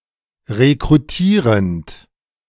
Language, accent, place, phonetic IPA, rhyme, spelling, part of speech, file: German, Germany, Berlin, [ʁekʁuˈtiːʁənt], -iːʁənt, rekrutierend, verb, De-rekrutierend.ogg
- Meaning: present participle of rekrutieren